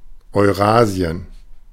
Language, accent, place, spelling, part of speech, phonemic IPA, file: German, Germany, Berlin, Eurasien, proper noun, /ɔɪ̯ˈʁaːzi̯ən/, De-Eurasien.ogg
- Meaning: Eurasia (a supercontinent consisting of Europe and Asia)